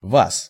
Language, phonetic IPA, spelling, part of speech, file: Russian, [vas], вас, pronoun, Ru-вас.ogg
- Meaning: genitive/accusative/prepositional of вы (vy)